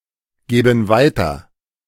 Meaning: inflection of weitergeben: 1. first/third-person plural present 2. first/third-person plural subjunctive I
- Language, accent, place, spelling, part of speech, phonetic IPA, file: German, Germany, Berlin, geben weiter, verb, [ˌɡeːbn̩ ˈvaɪ̯tɐ], De-geben weiter.ogg